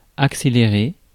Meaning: to accelerate
- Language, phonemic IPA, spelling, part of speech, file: French, /ak.se.le.ʁe/, accélérer, verb, Fr-accélérer.ogg